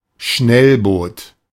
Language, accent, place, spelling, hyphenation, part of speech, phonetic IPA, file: German, Germany, Berlin, Schnellboot, Schnell‧boot, noun, [ˈʃnɛlˌboːt], De-Schnellboot.ogg
- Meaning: 1. speedboat 2. fast attack craft (FAC) 3. military motorboat/motorlaunch, torpedo boat, fast gunboat, navy patrol boat